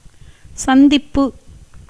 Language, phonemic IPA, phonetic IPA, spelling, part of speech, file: Tamil, /tʃɐnd̪ɪpːɯ/, [sɐn̪d̪ɪpːɯ], சந்திப்பு, noun, Ta-சந்திப்பு.ogg
- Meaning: 1. meeting, visiting 2. juncture, connection, union 3. junction (of rivers, roads, railroads, etc.)